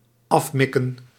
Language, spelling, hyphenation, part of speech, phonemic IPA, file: Dutch, afmikken, af‧mik‧ken, verb, /ˈɑfˌmɪ.kə(n)/, Nl-afmikken.ogg
- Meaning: 1. to bounce off with a projectile 2. to measure, especially by mere eyesight